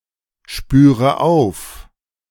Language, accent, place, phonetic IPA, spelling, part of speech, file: German, Germany, Berlin, [ˌʃpyːʁə ˈaʊ̯f], spüre auf, verb, De-spüre auf.ogg
- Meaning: inflection of aufspüren: 1. first-person singular present 2. first/third-person singular subjunctive I 3. singular imperative